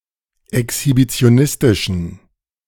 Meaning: inflection of exhibitionistisch: 1. strong genitive masculine/neuter singular 2. weak/mixed genitive/dative all-gender singular 3. strong/weak/mixed accusative masculine singular
- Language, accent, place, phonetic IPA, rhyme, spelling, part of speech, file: German, Germany, Berlin, [ɛkshibit͡si̯oˈnɪstɪʃn̩], -ɪstɪʃn̩, exhibitionistischen, adjective, De-exhibitionistischen.ogg